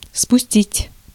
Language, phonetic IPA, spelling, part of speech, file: Russian, [spʊˈsʲtʲitʲ], спустить, verb, Ru-спустить.ogg
- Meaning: 1. to let down, to lower, to sink (to allow to descend) 2. to launch, to lower (a boat) 3. to unchain, to unleash, to let loose 4. to ejaculate (sperm)